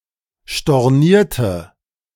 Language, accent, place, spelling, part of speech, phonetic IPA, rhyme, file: German, Germany, Berlin, stornierte, adjective / verb, [ʃtɔʁˈniːɐ̯tə], -iːɐ̯tə, De-stornierte.ogg
- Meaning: inflection of stornieren: 1. first/third-person singular preterite 2. first/third-person singular subjunctive II